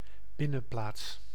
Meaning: courtyard (open space enclosed by buildings)
- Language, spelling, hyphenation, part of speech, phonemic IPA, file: Dutch, binnenplaats, bin‧nen‧plaats, noun, /ˈbɪ.nə(n)ˌplaːts/, Nl-binnenplaats.ogg